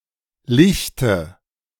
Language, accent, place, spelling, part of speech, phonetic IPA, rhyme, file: German, Germany, Berlin, Lichte, proper noun / noun, [ˈlɪçtə], -ɪçtə, De-Lichte.ogg
- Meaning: 1. nominative/accusative/genitive plural of Licht 2. dative singular of Licht